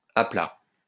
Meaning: 1. flat, level, horizontal 2. flat, deflated 3. flat (unable to emit power; dead) 4. flat, listless, lethargic, dead beat, tired out
- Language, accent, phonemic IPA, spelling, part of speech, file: French, France, /a pla/, à plat, adjective, LL-Q150 (fra)-à plat.wav